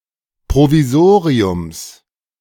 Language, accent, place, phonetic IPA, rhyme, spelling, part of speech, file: German, Germany, Berlin, [pʁoviˈzoːʁiʊms], -oːʁiʊms, Provisoriums, noun, De-Provisoriums.ogg
- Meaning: genitive singular of Provisorium